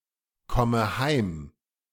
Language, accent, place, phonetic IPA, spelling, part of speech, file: German, Germany, Berlin, [ˌkɔmə ˈhaɪ̯m], komme heim, verb, De-komme heim.ogg
- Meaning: inflection of heimkommen: 1. first-person singular present 2. first/third-person singular subjunctive I 3. singular imperative